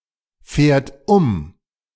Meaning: third-person singular present of umfahren
- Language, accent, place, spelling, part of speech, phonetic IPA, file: German, Germany, Berlin, fährt um, verb, [ˌfɛːɐ̯t ˈʊm], De-fährt um.ogg